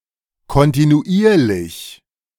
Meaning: continuous
- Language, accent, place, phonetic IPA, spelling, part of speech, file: German, Germany, Berlin, [kɔntinuˈiːɐ̯lɪç], kontinuierlich, adjective, De-kontinuierlich.ogg